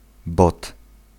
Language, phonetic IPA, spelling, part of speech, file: Polish, [bɔt], bot, noun, Pl-bot.ogg